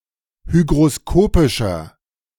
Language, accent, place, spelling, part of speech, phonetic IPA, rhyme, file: German, Germany, Berlin, hygroskopischer, adjective, [ˌhyɡʁoˈskoːpɪʃɐ], -oːpɪʃɐ, De-hygroskopischer.ogg
- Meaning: inflection of hygroskopisch: 1. strong/mixed nominative masculine singular 2. strong genitive/dative feminine singular 3. strong genitive plural